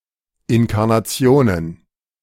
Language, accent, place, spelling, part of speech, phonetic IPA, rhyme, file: German, Germany, Berlin, Inkarnationen, noun, [ɪnkaʁnaˈt͡si̯oːnən], -oːnən, De-Inkarnationen.ogg
- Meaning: plural of Inkarnation